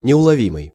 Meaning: 1. elusive, difficult to catch 2. imperceptible, subtle
- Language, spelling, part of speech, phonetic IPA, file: Russian, неуловимый, adjective, [nʲɪʊɫɐˈvʲimɨj], Ru-неуловимый.ogg